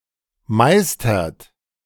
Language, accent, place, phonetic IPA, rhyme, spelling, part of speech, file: German, Germany, Berlin, [ˈmaɪ̯stɐt], -aɪ̯stɐt, meistert, verb, De-meistert.ogg
- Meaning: inflection of meistern: 1. second-person plural present 2. third-person singular present 3. plural imperative